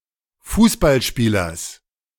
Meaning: genitive singular of Fußballspieler
- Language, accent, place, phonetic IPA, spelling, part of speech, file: German, Germany, Berlin, [ˈfuːsbalˌʃpiːlɐs], Fußballspielers, noun, De-Fußballspielers.ogg